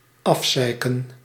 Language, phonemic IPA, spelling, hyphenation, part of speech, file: Dutch, /ˈɑfˌsɛi̯.kə(n)/, afzeiken, af‧zei‧ken, verb, Nl-afzeiken.ogg
- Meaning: to criticise harshly, to ridicule